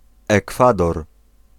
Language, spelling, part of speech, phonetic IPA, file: Polish, Ekwador, proper noun, [ɛˈkfadɔr], Pl-Ekwador.ogg